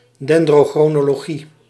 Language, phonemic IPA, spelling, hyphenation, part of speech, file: Dutch, /ˌdɛn.droː.xroː.noː.loːˈɣi/, dendrochronologie, den‧dro‧chro‧no‧lo‧gie, noun, Nl-dendrochronologie.ogg
- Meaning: dendrochronology